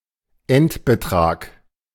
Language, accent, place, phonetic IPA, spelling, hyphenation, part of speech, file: German, Germany, Berlin, [ˈɛntbəˌtʀaːk], Endbetrag, End‧be‧trag, noun, De-Endbetrag.ogg
- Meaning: final amount